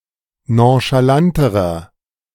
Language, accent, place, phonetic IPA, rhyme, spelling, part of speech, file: German, Germany, Berlin, [ˌnõʃaˈlantəʁɐ], -antəʁɐ, nonchalanterer, adjective, De-nonchalanterer.ogg
- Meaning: inflection of nonchalant: 1. strong/mixed nominative masculine singular comparative degree 2. strong genitive/dative feminine singular comparative degree 3. strong genitive plural comparative degree